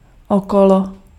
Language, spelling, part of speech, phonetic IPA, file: Czech, okolo, preposition / adverb, [ˈokolo], Cs-okolo.ogg
- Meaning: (preposition) around